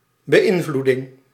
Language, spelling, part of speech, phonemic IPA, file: Dutch, beïnvloeding, noun, /bəˈɪnˌvlu.dɪŋ/, Nl-beïnvloeding.ogg
- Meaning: influencing (act or process of exerting influence)